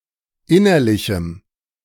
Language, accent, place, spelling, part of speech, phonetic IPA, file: German, Germany, Berlin, innerlichem, adjective, [ˈɪnɐlɪçm̩], De-innerlichem.ogg
- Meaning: strong dative masculine/neuter singular of innerlich